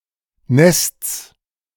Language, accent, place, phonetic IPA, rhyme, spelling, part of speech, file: German, Germany, Berlin, [nɛst͡s], -ɛst͡s, Nests, noun, De-Nests.ogg
- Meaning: genitive singular of Nest